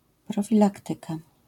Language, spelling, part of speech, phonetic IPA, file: Polish, profilaktyka, noun, [ˌprɔfʲiˈlaktɨka], LL-Q809 (pol)-profilaktyka.wav